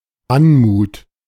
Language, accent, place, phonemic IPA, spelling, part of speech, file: German, Germany, Berlin, /ˈanmuːt/, Anmut, noun, De-Anmut.ogg
- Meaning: 1. grace (elegant movement, poise or balance) 2. elegance